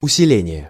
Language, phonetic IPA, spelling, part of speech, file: Russian, [ʊsʲɪˈlʲenʲɪje], усиление, noun, Ru-усиление.ogg
- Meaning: 1. strengthening; intensification 2. amplification